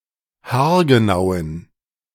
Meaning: inflection of haargenau: 1. strong genitive masculine/neuter singular 2. weak/mixed genitive/dative all-gender singular 3. strong/weak/mixed accusative masculine singular 4. strong dative plural
- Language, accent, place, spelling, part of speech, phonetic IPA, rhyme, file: German, Germany, Berlin, haargenauen, adjective, [haːɐ̯ɡəˈnaʊ̯ən], -aʊ̯ən, De-haargenauen.ogg